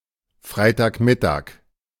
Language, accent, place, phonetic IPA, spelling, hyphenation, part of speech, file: German, Germany, Berlin, [ˈfʀaɪ̯taːkˌmɪtaːk], Freitagmittag, Frei‧tag‧mit‧tag, noun, De-Freitagmittag.ogg
- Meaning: Friday noon